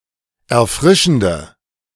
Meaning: inflection of erfrischend: 1. strong/mixed nominative/accusative feminine singular 2. strong nominative/accusative plural 3. weak nominative all-gender singular
- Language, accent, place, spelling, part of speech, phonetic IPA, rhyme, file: German, Germany, Berlin, erfrischende, adjective, [ɛɐ̯ˈfʁɪʃn̩də], -ɪʃn̩də, De-erfrischende.ogg